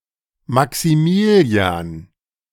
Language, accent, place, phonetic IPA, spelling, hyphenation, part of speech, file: German, Germany, Berlin, [maksiˈmiːli̯aːn], Maximilian, Ma‧xi‧mi‧li‧an, proper noun, De-Maximilian.ogg
- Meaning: a male given name, popular currently in Germany